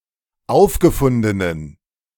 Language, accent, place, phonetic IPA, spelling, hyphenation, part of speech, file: German, Germany, Berlin, [ˈʔaʊ̯fɡəfʊndənən], aufgefundenen, auf‧ge‧fun‧de‧nen, adjective, De-aufgefundenen.ogg
- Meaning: inflection of aufgefunden: 1. strong genitive masculine/neuter singular 2. weak/mixed genitive/dative all-gender singular 3. strong/weak/mixed accusative masculine singular 4. strong dative plural